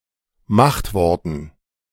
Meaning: dative plural of Machtwort
- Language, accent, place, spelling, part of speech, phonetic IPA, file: German, Germany, Berlin, Machtworten, noun, [ˈmaxtˌvɔʁtn̩], De-Machtworten.ogg